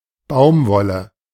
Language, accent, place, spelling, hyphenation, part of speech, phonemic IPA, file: German, Germany, Berlin, Baumwolle, Baum‧wol‧le, noun, /ˈbaʊ̯mˌvɔlə/, De-Baumwolle.ogg
- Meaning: 1. cotton (plant) 2. cotton (thread or fabric made from said plant)